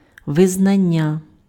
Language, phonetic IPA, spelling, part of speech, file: Ukrainian, [ʋezˈnanʲːɐ], визнання, noun, Uk-визнання.ogg
- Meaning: 1. recognition, credit, acknowledgement 2. confession, admission